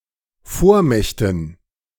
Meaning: dative plural of Vormacht
- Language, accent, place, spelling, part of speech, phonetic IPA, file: German, Germany, Berlin, Vormächten, noun, [ˈfoːɐ̯ˌmɛçtn̩], De-Vormächten.ogg